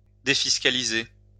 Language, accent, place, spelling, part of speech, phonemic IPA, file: French, France, Lyon, défiscaliser, verb, /de.fis.ka.li.ze/, LL-Q150 (fra)-défiscaliser.wav
- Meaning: 1. To reduce taxation (of a government) 2. To reduce or to avoid paying taxes (of a person or company)